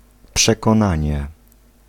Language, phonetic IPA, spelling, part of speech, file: Polish, [ˌpʃɛkɔ̃ˈnãɲɛ], przekonanie, noun, Pl-przekonanie.ogg